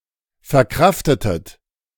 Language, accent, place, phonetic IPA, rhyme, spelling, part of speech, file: German, Germany, Berlin, [fɛɐ̯ˈkʁaftətət], -aftətət, verkraftetet, verb, De-verkraftetet.ogg
- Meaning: inflection of verkraften: 1. second-person plural preterite 2. second-person plural subjunctive II